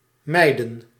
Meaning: to avoid
- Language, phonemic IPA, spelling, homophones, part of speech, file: Dutch, /ˈmɛi̯də(n)/, mijden, meiden, verb, Nl-mijden.ogg